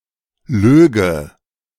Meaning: first/third-person singular subjunctive II of lügen
- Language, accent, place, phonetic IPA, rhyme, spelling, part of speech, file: German, Germany, Berlin, [ˈløːɡə], -øːɡə, löge, verb, De-löge.ogg